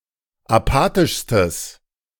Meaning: strong/mixed nominative/accusative neuter singular superlative degree of apathisch
- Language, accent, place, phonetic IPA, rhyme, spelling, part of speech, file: German, Germany, Berlin, [aˈpaːtɪʃstəs], -aːtɪʃstəs, apathischstes, adjective, De-apathischstes.ogg